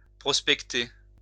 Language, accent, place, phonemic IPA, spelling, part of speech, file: French, France, Lyon, /pʁɔs.pɛk.te/, prospecter, verb, LL-Q150 (fra)-prospecter.wav
- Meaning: prospect (to search as for gold)